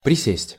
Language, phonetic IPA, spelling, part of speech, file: Russian, [prʲɪˈsʲesʲtʲ], присесть, verb, Ru-присесть.ogg
- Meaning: 1. to sit down 2. to squat 3. to cower 4. to curtsy